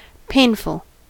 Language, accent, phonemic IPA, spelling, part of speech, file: English, US, /ˈpeɪn.fl̩/, painful, adjective, En-us-painful.ogg
- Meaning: 1. Causing pain or distress, either physical or mental 2. Afflicted or suffering with pain (of a body part or, formerly, of a person) 3. Requiring effort or labor; difficult, laborious